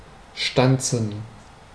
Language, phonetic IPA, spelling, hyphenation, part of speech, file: German, [ˈʃtant͡sn̩], stanzen, stan‧zen, verb, De-stanzen.ogg
- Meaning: to press; to punch; to stamp